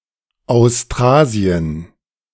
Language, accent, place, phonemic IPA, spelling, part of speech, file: German, Germany, Berlin, /aʊ̯sˈtraːzi̯ən/, Austrasien, proper noun, De-Austrasien.ogg
- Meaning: Austrasia (an early-medieval geographic region corresponding to the homeland of the Merovingian Franks in modern western Germany, northeastern France, Belgium and parts of the Netherlands)